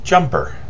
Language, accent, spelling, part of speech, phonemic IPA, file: English, US, jumper, noun / verb, /ˈd͡ʒʌmpɚ/, En-us-jumper.ogg
- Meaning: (noun) 1. Someone or something that jumps, e.g. a participant in a jumping event in track or skiing 2. A person who attempts suicide by jumping from a great height